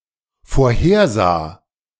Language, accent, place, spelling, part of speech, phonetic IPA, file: German, Germany, Berlin, vorhersah, verb, [foːɐ̯ˈheːɐ̯ˌzaː], De-vorhersah.ogg
- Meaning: first/third-person singular dependent preterite of vorhersehen